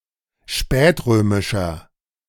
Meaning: inflection of spätrömisch: 1. strong/mixed nominative masculine singular 2. strong genitive/dative feminine singular 3. strong genitive plural
- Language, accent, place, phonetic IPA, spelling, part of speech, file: German, Germany, Berlin, [ˈʃpɛːtˌʁøːmɪʃɐ], spätrömischer, adjective, De-spätrömischer.ogg